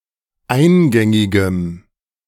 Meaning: strong dative masculine/neuter singular of eingängig
- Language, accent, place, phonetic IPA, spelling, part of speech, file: German, Germany, Berlin, [ˈaɪ̯nˌɡɛŋɪɡəm], eingängigem, adjective, De-eingängigem.ogg